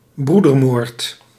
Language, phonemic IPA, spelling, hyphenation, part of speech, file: Dutch, /ˈbru.dərˌmoːrt/, broedermoord, broe‧der‧moord, noun, Nl-broedermoord.ogg
- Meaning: fratricide